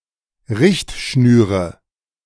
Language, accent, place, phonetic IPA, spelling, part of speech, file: German, Germany, Berlin, [ˈʁɪçtˌʃnyːʁə], Richtschnüre, noun, De-Richtschnüre.ogg
- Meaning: nominative/accusative/genitive plural of Richtschnur